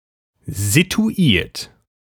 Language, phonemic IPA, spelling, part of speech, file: German, /zituˈiːɐ̯t/, situiert, verb / adjective, De-situiert.ogg
- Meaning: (verb) past participle of situieren; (adjective) 1. situated 2. wealthy, prosperous